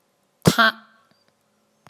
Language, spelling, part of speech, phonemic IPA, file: Mon, ဌ, character, /tʰaʔ/, Mnw-ဌ.oga
- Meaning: Ṭtha, the twelfth consonant of the Mon alphabet